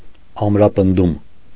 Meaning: strengthening, reinforcement
- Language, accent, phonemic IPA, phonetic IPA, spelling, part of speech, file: Armenian, Eastern Armenian, /ɑmɾɑpənˈdum/, [ɑmɾɑpəndúm], ամրապնդում, noun, Hy-ամրապնդում.ogg